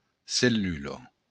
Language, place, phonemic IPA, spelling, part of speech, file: Occitan, Béarn, /selˈlylo/, cellula, noun, LL-Q14185 (oci)-cellula.wav
- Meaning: cell (the basic unit of a living organism)